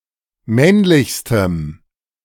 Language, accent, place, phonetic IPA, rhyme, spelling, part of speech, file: German, Germany, Berlin, [ˈmɛnlɪçstəm], -ɛnlɪçstəm, männlichstem, adjective, De-männlichstem.ogg
- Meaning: strong dative masculine/neuter singular superlative degree of männlich